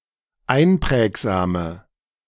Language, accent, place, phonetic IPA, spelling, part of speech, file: German, Germany, Berlin, [ˈaɪ̯nˌpʁɛːkzaːmə], einprägsame, adjective, De-einprägsame.ogg
- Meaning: inflection of einprägsam: 1. strong/mixed nominative/accusative feminine singular 2. strong nominative/accusative plural 3. weak nominative all-gender singular